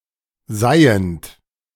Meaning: present participle of seihen
- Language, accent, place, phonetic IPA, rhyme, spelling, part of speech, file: German, Germany, Berlin, [ˈzaɪ̯ənt], -aɪ̯ənt, seihend, verb, De-seihend.ogg